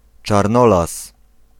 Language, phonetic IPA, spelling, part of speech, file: Polish, [t͡ʃarˈnɔlas], Czarnolas, proper noun, Pl-Czarnolas.ogg